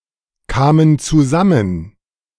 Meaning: first/third-person plural preterite of zusammenkommen
- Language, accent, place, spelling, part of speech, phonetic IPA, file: German, Germany, Berlin, kamen zusammen, verb, [ˌkaːmən t͡suˈzamən], De-kamen zusammen.ogg